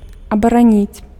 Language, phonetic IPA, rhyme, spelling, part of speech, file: Belarusian, [abaraˈnʲit͡sʲ], -it͡sʲ, абараніць, verb, Be-абараніць.ogg
- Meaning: to defend, to protect